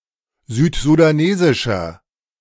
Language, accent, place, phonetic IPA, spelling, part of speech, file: German, Germany, Berlin, [ˈzyːtzudaˌneːzɪʃɐ], südsudanesischer, adjective, De-südsudanesischer.ogg
- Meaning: inflection of südsudanesisch: 1. strong/mixed nominative masculine singular 2. strong genitive/dative feminine singular 3. strong genitive plural